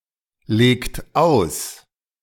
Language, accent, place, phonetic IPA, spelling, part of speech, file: German, Germany, Berlin, [ˌleːkt ˈaʊ̯s], legt aus, verb, De-legt aus.ogg
- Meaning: inflection of auslegen: 1. second-person plural present 2. third-person singular present 3. plural imperative